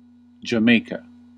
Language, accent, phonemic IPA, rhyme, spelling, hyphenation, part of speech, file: English, US, /d͡ʒəˈmeɪ.kə/, -eɪkə, Jamaica, Ja‧mai‧ca, proper noun, En-us-Jamaica.ogg
- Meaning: 1. An island and country in the Caribbean 2. Jamaica Plain, Boston, a neighborhood of Boston, Massachusetts 3. A town in Windham County, Vermont. See Jamaica, Vermont on Wikipedia.Wikipedia